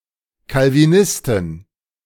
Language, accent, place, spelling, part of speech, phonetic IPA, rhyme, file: German, Germany, Berlin, Calvinisten, noun, [kalviˈnɪstn̩], -ɪstn̩, De-Calvinisten.ogg
- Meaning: plural of Calvinist